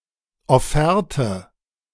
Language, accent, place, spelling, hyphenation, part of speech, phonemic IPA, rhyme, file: German, Germany, Berlin, Offerte, Of‧fer‧te, noun, /ɔˈfɛʁtə/, -ɛʁtə, De-Offerte.ogg
- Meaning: offer, proposition